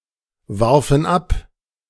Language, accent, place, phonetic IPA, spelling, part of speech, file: German, Germany, Berlin, [ˌvaʁfn̩ ˈap], warfen ab, verb, De-warfen ab.ogg
- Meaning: first/third-person plural preterite of abwerfen